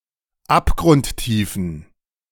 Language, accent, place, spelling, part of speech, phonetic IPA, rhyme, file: German, Germany, Berlin, abgrundtiefen, adjective, [ˌapɡʁʊntˈtiːfn̩], -iːfn̩, De-abgrundtiefen.ogg
- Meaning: inflection of abgrundtief: 1. strong genitive masculine/neuter singular 2. weak/mixed genitive/dative all-gender singular 3. strong/weak/mixed accusative masculine singular 4. strong dative plural